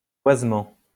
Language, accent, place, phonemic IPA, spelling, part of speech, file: French, France, Lyon, /vwaz.mɑ̃/, voisement, noun, LL-Q150 (fra)-voisement.wav
- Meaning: voicing, sonorization